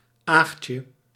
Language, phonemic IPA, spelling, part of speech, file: Dutch, /ˈaxce/, aagtje, noun, Nl-aagtje.ogg
- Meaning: diminutive of aagt